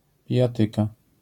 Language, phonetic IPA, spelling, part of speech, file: Polish, [ˌpʲijaˈtɨka], pijatyka, noun, LL-Q809 (pol)-pijatyka.wav